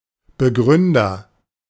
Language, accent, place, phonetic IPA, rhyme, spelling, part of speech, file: German, Germany, Berlin, [bəˈɡʁʏndɐ], -ʏndɐ, Begründer, noun, De-Begründer.ogg
- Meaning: founder, originator